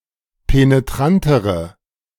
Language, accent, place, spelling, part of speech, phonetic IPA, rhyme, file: German, Germany, Berlin, penetrantere, adjective, [peneˈtʁantəʁə], -antəʁə, De-penetrantere.ogg
- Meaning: inflection of penetrant: 1. strong/mixed nominative/accusative feminine singular comparative degree 2. strong nominative/accusative plural comparative degree